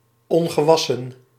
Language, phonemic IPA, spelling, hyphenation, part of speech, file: Dutch, /ˌɔŋ.ɣəˈʋɑ.sə(n)/, ongewassen, on‧ge‧was‧sen, adjective, Nl-ongewassen.ogg
- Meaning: unwashed (not having been washed)